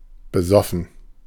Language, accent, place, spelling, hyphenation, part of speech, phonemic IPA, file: German, Germany, Berlin, besoffen, be‧sof‧fen, verb / adjective, /bəˈzɔfən/, De-besoffen.ogg
- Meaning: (verb) 1. first/third-person plural preterite of besaufen 2. past participle of besaufen; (adjective) 1. drunk 2. made with alcohol